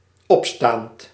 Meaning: present participle of opstaan
- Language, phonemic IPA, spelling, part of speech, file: Dutch, /ˈɔpstant/, opstaand, verb / adjective, Nl-opstaand.ogg